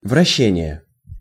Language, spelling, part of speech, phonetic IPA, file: Russian, вращение, noun, [vrɐˈɕːenʲɪje], Ru-вращение.ogg
- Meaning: rotation, revolution (turning around a centre)